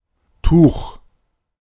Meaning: cloth; piece of fabric or tissue of any kind: scarf, kerchief, blanket, towel, etc
- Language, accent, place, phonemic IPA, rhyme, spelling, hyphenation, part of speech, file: German, Germany, Berlin, /tuːx/, -uːx, Tuch, Tuch, noun, De-Tuch.ogg